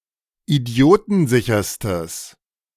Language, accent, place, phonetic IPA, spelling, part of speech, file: German, Germany, Berlin, [iˈdi̯oːtn̩ˌzɪçɐstəs], idiotensicherstes, adjective, De-idiotensicherstes.ogg
- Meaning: strong/mixed nominative/accusative neuter singular superlative degree of idiotensicher